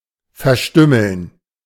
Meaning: to mutilate
- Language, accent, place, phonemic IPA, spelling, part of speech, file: German, Germany, Berlin, /fɛɐ̯ˈʃtyml̩n/, verstümmeln, verb, De-verstümmeln.ogg